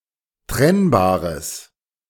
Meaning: strong/mixed nominative/accusative neuter singular of trennbar
- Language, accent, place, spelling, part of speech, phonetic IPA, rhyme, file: German, Germany, Berlin, trennbares, adjective, [ˈtʁɛnbaːʁəs], -ɛnbaːʁəs, De-trennbares.ogg